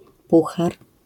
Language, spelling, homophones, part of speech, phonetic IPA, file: Polish, puchar, Puchar, noun, [ˈpuxar], LL-Q809 (pol)-puchar.wav